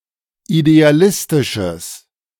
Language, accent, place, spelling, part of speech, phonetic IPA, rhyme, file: German, Germany, Berlin, idealistisches, adjective, [ideaˈlɪstɪʃəs], -ɪstɪʃəs, De-idealistisches.ogg
- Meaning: strong/mixed nominative/accusative neuter singular of idealistisch